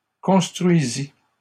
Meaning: third-person singular imperfect subjunctive of construire
- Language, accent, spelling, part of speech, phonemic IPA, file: French, Canada, construisît, verb, /kɔ̃s.tʁɥi.zi/, LL-Q150 (fra)-construisît.wav